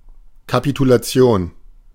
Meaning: capitulation
- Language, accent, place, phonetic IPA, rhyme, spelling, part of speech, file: German, Germany, Berlin, [kapitulaˈt͡si̯oːn], -oːn, Kapitulation, noun, De-Kapitulation.ogg